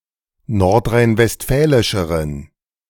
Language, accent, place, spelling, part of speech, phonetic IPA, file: German, Germany, Berlin, nordrhein-westfälischeren, adjective, [ˌnɔʁtʁaɪ̯nvɛstˈfɛːlɪʃəʁən], De-nordrhein-westfälischeren.ogg
- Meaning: inflection of nordrhein-westfälisch: 1. strong genitive masculine/neuter singular comparative degree 2. weak/mixed genitive/dative all-gender singular comparative degree